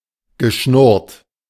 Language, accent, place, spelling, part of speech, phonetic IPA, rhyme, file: German, Germany, Berlin, geschnurrt, verb, [ɡəˈʃnʊʁt], -ʊʁt, De-geschnurrt.ogg
- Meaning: past participle of schnurren